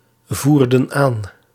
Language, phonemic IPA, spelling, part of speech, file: Dutch, /ˈvurdə(n) ˈan/, voerden aan, verb, Nl-voerden aan.ogg
- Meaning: inflection of aanvoeren: 1. plural past indicative 2. plural past subjunctive